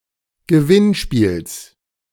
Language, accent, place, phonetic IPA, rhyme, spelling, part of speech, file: German, Germany, Berlin, [ɡəˈvɪnˌʃpiːls], -ɪnʃpiːls, Gewinnspiels, noun, De-Gewinnspiels.ogg
- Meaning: genitive of Gewinnspiel